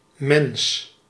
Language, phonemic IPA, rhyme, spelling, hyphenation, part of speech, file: Dutch, /mɛns/, -ɛns, mens, mens, noun, Nl-mens.ogg
- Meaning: 1. human, any member of the species Homo sapiens 2. person 3. woman